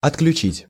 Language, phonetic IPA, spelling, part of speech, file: Russian, [ɐtklʲʉˈt͡ɕitʲ], отключить, verb, Ru-отключить.ogg
- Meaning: to cut off, to disconnect, to turn off, to switch off, to shut down